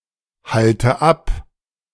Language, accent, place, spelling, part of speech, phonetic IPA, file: German, Germany, Berlin, halte ab, verb, [ˌhaltə ˈap], De-halte ab.ogg
- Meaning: inflection of abhalten: 1. first-person singular present 2. first/third-person singular subjunctive I 3. singular imperative